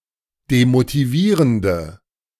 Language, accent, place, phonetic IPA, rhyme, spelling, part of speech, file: German, Germany, Berlin, [demotiˈviːʁəndə], -iːʁəndə, demotivierende, adjective, De-demotivierende.ogg
- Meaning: inflection of demotivierend: 1. strong/mixed nominative/accusative feminine singular 2. strong nominative/accusative plural 3. weak nominative all-gender singular